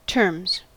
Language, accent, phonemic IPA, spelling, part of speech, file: English, US, /tɝmz/, terms, noun / verb, En-us-terms.ogg
- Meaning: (noun) plural of term; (verb) third-person singular simple present indicative of term